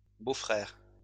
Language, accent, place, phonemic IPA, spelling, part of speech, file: French, France, Lyon, /bo.fʁɛʁ/, beaux-frères, noun, LL-Q150 (fra)-beaux-frères.wav
- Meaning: plural of beau-frère